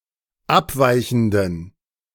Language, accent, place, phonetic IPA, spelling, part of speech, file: German, Germany, Berlin, [ˈapˌvaɪ̯çn̩dən], abweichenden, adjective, De-abweichenden.ogg
- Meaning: inflection of abweichend: 1. strong genitive masculine/neuter singular 2. weak/mixed genitive/dative all-gender singular 3. strong/weak/mixed accusative masculine singular 4. strong dative plural